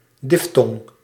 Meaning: diphthong (a complex vowel sound)
- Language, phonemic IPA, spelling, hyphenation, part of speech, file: Dutch, /ˈdɪf.tɔŋ/, diftong, dif‧tong, noun, Nl-diftong.ogg